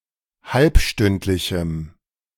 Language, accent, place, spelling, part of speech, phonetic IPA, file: German, Germany, Berlin, halbstündlichem, adjective, [ˈhalpˌʃtʏntlɪçm̩], De-halbstündlichem.ogg
- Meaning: strong dative masculine/neuter singular of halbstündlich